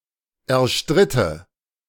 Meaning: first/third-person singular subjunctive II of erstreiten
- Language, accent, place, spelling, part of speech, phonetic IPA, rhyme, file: German, Germany, Berlin, erstritte, verb, [ɛɐ̯ˈʃtʁɪtə], -ɪtə, De-erstritte.ogg